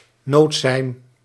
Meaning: a distress signal
- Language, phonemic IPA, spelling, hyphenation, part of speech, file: Dutch, /ˈnoːt.sɛi̯n/, noodsein, nood‧sein, noun, Nl-noodsein.ogg